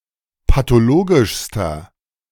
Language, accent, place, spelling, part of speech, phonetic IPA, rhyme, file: German, Germany, Berlin, pathologischster, adjective, [patoˈloːɡɪʃstɐ], -oːɡɪʃstɐ, De-pathologischster.ogg
- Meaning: inflection of pathologisch: 1. strong/mixed nominative masculine singular superlative degree 2. strong genitive/dative feminine singular superlative degree 3. strong genitive plural superlative degree